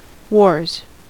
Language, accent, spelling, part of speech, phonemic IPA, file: English, US, wars, noun / verb, /wɔɹz/, En-us-wars.ogg
- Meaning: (noun) plural of war; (verb) third-person singular simple present indicative of war